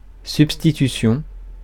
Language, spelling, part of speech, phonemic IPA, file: French, substitution, noun, /syp.sti.ty.sjɔ̃/, Fr-substitution.ogg
- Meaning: substitution